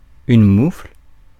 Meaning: 1. mitten 2. polyspast
- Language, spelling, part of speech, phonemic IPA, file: French, moufle, noun, /mufl/, Fr-moufle.ogg